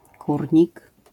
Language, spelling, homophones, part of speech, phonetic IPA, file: Polish, kurnik, Kórnik, noun, [ˈkurʲɲik], LL-Q809 (pol)-kurnik.wav